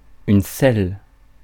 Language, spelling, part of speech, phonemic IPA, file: French, scelle, verb, /sɛl/, Fr-scelle.ogg
- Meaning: inflection of sceller: 1. first/third-person singular present indicative/subjunctive 2. second-person singular imperative